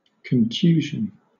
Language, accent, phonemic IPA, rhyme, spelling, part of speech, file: English, Southern England, /kənˈtjuːʒən/, -uːʒən, contusion, noun, LL-Q1860 (eng)-contusion.wav
- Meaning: 1. Synonym of bruise 2. Synonym of bruising